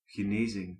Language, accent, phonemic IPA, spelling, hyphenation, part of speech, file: Dutch, Belgium, /xəˈneziŋ/, genezing, ge‧ne‧zing, noun, Nl-genezing.ogg
- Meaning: healing, recovery